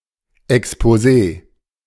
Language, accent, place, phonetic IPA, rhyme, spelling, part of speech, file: German, Germany, Berlin, [ɛkspoˈzeː], -eː, Exposé, noun, De-Exposé.ogg
- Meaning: alternative spelling of Exposee